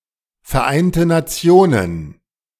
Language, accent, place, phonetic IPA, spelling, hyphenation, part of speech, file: German, Germany, Berlin, [fɛɐ̯ˌʔaɪ̯ntə naˈt͡si̯oːnən], Vereinte Nationen, Ver‧ein‧te Na‧ti‧o‧nen, proper noun, De-Vereinte Nationen.ogg
- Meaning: United Nations